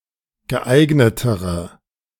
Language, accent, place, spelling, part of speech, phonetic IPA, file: German, Germany, Berlin, geeignetere, adjective, [ɡəˈʔaɪ̯ɡnətəʁə], De-geeignetere.ogg
- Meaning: inflection of geeignet: 1. strong/mixed nominative/accusative feminine singular comparative degree 2. strong nominative/accusative plural comparative degree